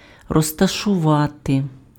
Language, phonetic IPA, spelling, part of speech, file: Ukrainian, [rɔztɐʃʊˈʋate], розташувати, verb, Uk-розташувати.ogg
- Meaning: to place, to put down, to put (an object or person) in a specific location